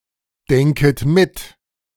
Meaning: second-person plural subjunctive I of mitdenken
- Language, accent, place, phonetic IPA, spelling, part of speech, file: German, Germany, Berlin, [ˌdɛŋkət ˈmɪt], denket mit, verb, De-denket mit.ogg